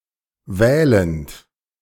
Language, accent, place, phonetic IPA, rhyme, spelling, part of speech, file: German, Germany, Berlin, [ˈvɛːlənt], -ɛːlənt, wählend, verb, De-wählend.ogg
- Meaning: present participle of wählen